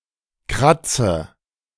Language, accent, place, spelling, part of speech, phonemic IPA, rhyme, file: German, Germany, Berlin, kratze, verb, /ˈkʁat͡sə/, -atsə, De-kratze.ogg
- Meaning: inflection of kratzen: 1. first-person singular present 2. first/third-person singular subjunctive I 3. singular imperative